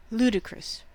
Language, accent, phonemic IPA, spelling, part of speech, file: English, US, /ˈluː.dɪ.kɹəs/, ludicrous, adjective, En-us-ludicrous.ogg
- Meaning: 1. Idiotic or unthinkable, often to the point of being funny; amusing by being plainly incongruous or absurd 2. Playful, fun, entertaining